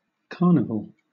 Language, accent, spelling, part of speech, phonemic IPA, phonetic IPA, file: English, Southern England, carnival, noun / verb, /ˈkɑːnɪvəl/, [ˈkɑːnɪvl̩], LL-Q1860 (eng)-carnival.wav
- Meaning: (noun) 1. Any of a number of festivals held just before the beginning of Lent 2. A festive occasion marked by parades and sometimes special foods and other entertainment